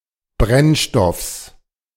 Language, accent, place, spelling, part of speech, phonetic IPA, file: German, Germany, Berlin, Brennstoffs, noun, [ˈbʁɛnˌʃtɔfs], De-Brennstoffs.ogg
- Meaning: genitive singular of Brennstoff